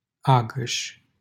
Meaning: 1. a commune of Bacău County, Romania 2. a village in Agăș, Bacău County, Romania
- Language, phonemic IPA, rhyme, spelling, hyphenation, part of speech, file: Romanian, /ˈa.ɡəʃ/, -aɡəʃ, Agăș, A‧găș, proper noun, LL-Q7913 (ron)-Agăș.wav